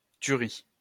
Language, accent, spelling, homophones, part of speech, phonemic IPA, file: French, France, tuerie, Thuries, noun, /ty.ʁi/, LL-Q150 (fra)-tuerie.wav
- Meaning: 1. killing (massacre) 2. a killer, the shit (something considered to be excellent)